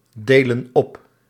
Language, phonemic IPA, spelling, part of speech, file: Dutch, /ˈdelə(n) ˈɔp/, delen op, verb, Nl-delen op.ogg
- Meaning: inflection of opdelen: 1. plural present indicative 2. plural present subjunctive